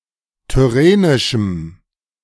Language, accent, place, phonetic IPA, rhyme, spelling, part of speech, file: German, Germany, Berlin, [tʏˈʁeːnɪʃm̩], -eːnɪʃm̩, tyrrhenischem, adjective, De-tyrrhenischem.ogg
- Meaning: strong dative masculine/neuter singular of tyrrhenisch